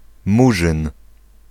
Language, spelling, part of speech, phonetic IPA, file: Polish, Murzyn, noun, [ˈmuʒɨ̃n], Pl-Murzyn.ogg